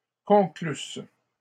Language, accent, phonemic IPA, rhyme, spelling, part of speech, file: French, Canada, /kɔ̃.klys/, -ys, conclusses, verb, LL-Q150 (fra)-conclusses.wav
- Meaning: second-person singular imperfect subjunctive of conclure